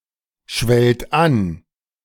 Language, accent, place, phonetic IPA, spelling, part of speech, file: German, Germany, Berlin, [ˌʃvɛlt ˈan], schwellt an, verb, De-schwellt an.ogg
- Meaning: second-person plural present of anschwellen